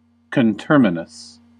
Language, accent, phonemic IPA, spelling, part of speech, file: English, US, /kənˈtɝ.mɪ.nəs/, conterminous, adjective, En-us-conterminous.ogg
- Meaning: Alternative form of coterminous